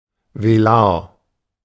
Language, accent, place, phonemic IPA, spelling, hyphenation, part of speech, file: German, Germany, Berlin, /veˈlaːɐ̯/, velar, ve‧lar, adjective, De-velar.ogg
- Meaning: velar